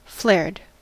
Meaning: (verb) simple past and past participle of flare; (adjective) Of trousers, etc., widening towards the lower parts of the legs; bell-bottomed
- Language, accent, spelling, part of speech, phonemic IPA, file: English, US, flared, verb / adjective, /flɛɹd/, En-us-flared.ogg